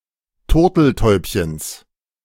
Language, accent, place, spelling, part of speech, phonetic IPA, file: German, Germany, Berlin, Turteltäubchens, noun, [ˈtʊʁtl̩ˌtɔɪ̯pçəns], De-Turteltäubchens.ogg
- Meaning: genitive singular of Turteltäubchen